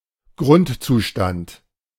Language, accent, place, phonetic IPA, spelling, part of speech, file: German, Germany, Berlin, [ˈɡʁʊntt͡suˌʃtant], Grundzustand, noun, De-Grundzustand.ogg
- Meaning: ground state